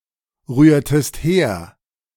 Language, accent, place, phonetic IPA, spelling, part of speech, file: German, Germany, Berlin, [ˌʁyːɐ̯təst ˈheːɐ̯], rührtest her, verb, De-rührtest her.ogg
- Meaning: inflection of herrühren: 1. second-person singular preterite 2. second-person singular subjunctive II